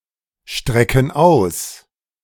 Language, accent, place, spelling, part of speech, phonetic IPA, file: German, Germany, Berlin, strecken aus, verb, [ˌʃtʁɛkən ˈaʊ̯s], De-strecken aus.ogg
- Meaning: inflection of ausstrecken: 1. first/third-person plural present 2. first/third-person plural subjunctive I